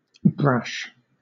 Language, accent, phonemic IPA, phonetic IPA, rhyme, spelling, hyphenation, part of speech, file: English, Southern England, /ˈbɹæʃ/, [ˈbɹʷæʃ], -æʃ, brash, brash, adjective / noun / verb, LL-Q1860 (eng)-brash.wav
- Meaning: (adjective) 1. Overly bold or self-assertive to the point of being insensitive, tactless or impudent; shameless 2. Overly bold, impetuous or rash 3. Bold, bright or showy, often in a tasteless way